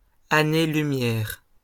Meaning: 1. light year (astronomical distance) 2. light years (a very long way) 3. light years (a very long time)
- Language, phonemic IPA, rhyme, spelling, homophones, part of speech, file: French, /a.ne.ly.mjɛʁ/, -ɛʁ, année-lumière, années-lumière, noun, LL-Q150 (fra)-année-lumière.wav